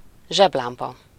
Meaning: flashlight, torch (a portable source of electric light)
- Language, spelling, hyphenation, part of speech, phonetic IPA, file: Hungarian, zseblámpa, zseb‧lám‧pa, noun, [ˈʒɛblaːmpɒ], Hu-zseblámpa.ogg